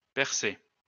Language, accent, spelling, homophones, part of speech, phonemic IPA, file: French, France, percé, percée / percées / percer / percés / Persé / Persée, verb, /pɛʁ.se/, LL-Q150 (fra)-percé.wav
- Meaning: past participle of percer